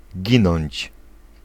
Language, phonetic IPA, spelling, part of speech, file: Polish, [ˈɟĩnɔ̃ɲt͡ɕ], ginąć, verb, Pl-ginąć.ogg